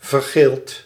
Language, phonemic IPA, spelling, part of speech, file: Dutch, /vərˈɣelt/, vergeeld, adjective / verb, Nl-vergeeld.ogg
- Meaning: past participle of vergelen